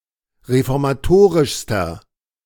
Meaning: inflection of reformatorisch: 1. strong/mixed nominative masculine singular superlative degree 2. strong genitive/dative feminine singular superlative degree
- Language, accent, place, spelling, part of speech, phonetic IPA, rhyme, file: German, Germany, Berlin, reformatorischster, adjective, [ʁefɔʁmaˈtoːʁɪʃstɐ], -oːʁɪʃstɐ, De-reformatorischster.ogg